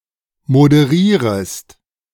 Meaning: second-person singular subjunctive I of moderieren
- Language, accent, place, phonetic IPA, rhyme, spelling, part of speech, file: German, Germany, Berlin, [modəˈʁiːʁəst], -iːʁəst, moderierest, verb, De-moderierest.ogg